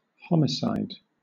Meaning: 1. The killing of one person by another, whether premeditated or unintentional 2. A person who kills another 3. A victim of homicide; a person who has been unlawfully killed by someone else
- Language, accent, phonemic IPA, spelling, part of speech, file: English, Southern England, /ˈhɒm.ɪˌsaɪ̯d/, homicide, noun, LL-Q1860 (eng)-homicide.wav